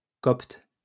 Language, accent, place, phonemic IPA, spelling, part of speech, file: French, France, Lyon, /kɔpt/, copte, noun / adjective, LL-Q150 (fra)-copte.wav
- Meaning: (noun) 1. Copt (Egyptian Christian person) 2. the Coptic language; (adjective) Coptic